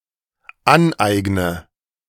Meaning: inflection of aneignen: 1. first-person singular dependent present 2. first/third-person singular dependent subjunctive I
- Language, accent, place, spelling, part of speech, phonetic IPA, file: German, Germany, Berlin, aneigne, verb, [ˈanˌʔaɪ̯ɡnə], De-aneigne.ogg